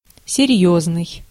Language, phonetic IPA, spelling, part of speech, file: Russian, [sʲɪˈrʲjɵznɨj], серьёзный, adjective, Ru-серьёзный.ogg
- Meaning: 1. serious, earnest 2. serious, grave, important 3. serious, strong, formidable